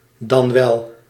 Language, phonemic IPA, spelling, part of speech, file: Dutch, /dɑn ˈʋɛl/, dan wel, conjunction, Nl-dan wel.ogg